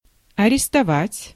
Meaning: to arrest
- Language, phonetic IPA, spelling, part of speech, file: Russian, [ɐrʲɪstɐˈvatʲ], арестовать, verb, Ru-арестовать.ogg